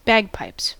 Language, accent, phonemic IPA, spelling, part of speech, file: English, US, /ˈbæɡˌpaɪps/, bagpipes, noun, En-us-bagpipes.ogg